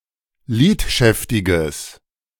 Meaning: strong/mixed nominative/accusative neuter singular of lidschäftig
- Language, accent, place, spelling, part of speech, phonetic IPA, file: German, Germany, Berlin, lidschäftiges, adjective, [ˈliːtˌʃɛftɪɡəs], De-lidschäftiges.ogg